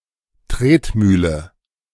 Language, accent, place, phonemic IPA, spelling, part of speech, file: German, Germany, Berlin, /ˈtreːtˌmyːlə/, Tretmühle, noun, De-Tretmühle.ogg
- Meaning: 1. treadwheel, treadmill, a grain crusher constructed to be driven by feet 2. a recurring monotonous work 3. treadmill as a fitness device to run upon